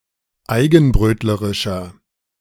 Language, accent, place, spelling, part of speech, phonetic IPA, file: German, Germany, Berlin, eigenbrötlerischer, adjective, [ˈaɪ̯ɡn̩ˌbʁøːtləʁɪʃɐ], De-eigenbrötlerischer.ogg
- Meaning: 1. comparative degree of eigenbrötlerisch 2. inflection of eigenbrötlerisch: strong/mixed nominative masculine singular 3. inflection of eigenbrötlerisch: strong genitive/dative feminine singular